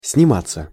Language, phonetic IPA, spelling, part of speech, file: Russian, [snʲɪˈmat͡sːə], сниматься, verb, Ru-сниматься.ogg
- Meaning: 1. to have one's photograph taken 2. to act in a film 3. passive of снима́ть (snimátʹ)